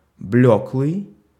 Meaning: alternative spelling of блёклый (bljóklyj)
- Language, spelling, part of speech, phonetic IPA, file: Russian, блеклый, adjective, [ˈblʲɵkɫɨj], Ru-блеклый.ogg